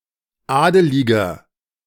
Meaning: 1. comparative degree of adelig 2. inflection of adelig: strong/mixed nominative masculine singular 3. inflection of adelig: strong genitive/dative feminine singular
- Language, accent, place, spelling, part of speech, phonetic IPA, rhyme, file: German, Germany, Berlin, adeliger, adjective, [ˈaːdəlɪɡɐ], -aːdəlɪɡɐ, De-adeliger.ogg